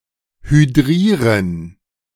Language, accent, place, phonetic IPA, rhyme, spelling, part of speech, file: German, Germany, Berlin, [hyˈdʁiːʁən], -iːʁən, hydrieren, verb, De-hydrieren.ogg
- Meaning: 1. to hydrogenate 2. translation of hydrate in the film "Back to the Future II"